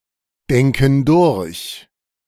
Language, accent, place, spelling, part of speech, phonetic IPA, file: German, Germany, Berlin, denken durch, verb, [ˌdɛŋkn̩ ˈdʊʁç], De-denken durch.ogg
- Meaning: inflection of durchdenken: 1. first/third-person plural present 2. first/third-person plural subjunctive I